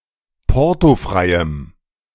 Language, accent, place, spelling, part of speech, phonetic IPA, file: German, Germany, Berlin, portofreiem, adjective, [ˈpɔʁtoˌfʁaɪ̯əm], De-portofreiem.ogg
- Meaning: strong dative masculine/neuter singular of portofrei